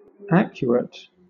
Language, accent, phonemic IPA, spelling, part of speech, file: English, Southern England, /ˈæk.ju.ət/, acuate, adjective, LL-Q1860 (eng)-acuate.wav
- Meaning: Sharpened; sharp-pointed